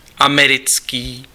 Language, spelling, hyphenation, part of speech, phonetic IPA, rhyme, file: Czech, americký, ame‧ric‧ký, adjective, [ˈamɛrɪt͡skiː], -ɪtskiː, Cs-americký.ogg
- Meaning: American